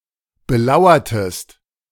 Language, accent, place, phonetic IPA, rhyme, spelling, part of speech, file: German, Germany, Berlin, [bəˈlaʊ̯ɐtəst], -aʊ̯ɐtəst, belauertest, verb, De-belauertest.ogg
- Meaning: inflection of belauern: 1. second-person singular preterite 2. second-person singular subjunctive II